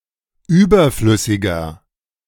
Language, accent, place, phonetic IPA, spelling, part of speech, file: German, Germany, Berlin, [ˈyːbɐˌflʏsɪɡɐ], überflüssiger, adjective, De-überflüssiger.ogg
- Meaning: 1. comparative degree of überflüssig 2. inflection of überflüssig: strong/mixed nominative masculine singular 3. inflection of überflüssig: strong genitive/dative feminine singular